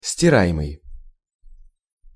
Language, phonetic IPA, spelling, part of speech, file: Russian, [sʲtʲɪˈra(j)ɪmɨj], стираемый, verb, Ru-стираемый.ogg
- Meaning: present passive imperfective participle of стира́ть (stirátʹ)